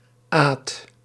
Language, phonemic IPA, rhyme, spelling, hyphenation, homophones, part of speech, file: Dutch, /aːt/, -aːt, aad, aad, Aad, noun, Nl-aad.ogg
- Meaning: shallow oval tub or tray used for acquiring cream from milk; a type of churn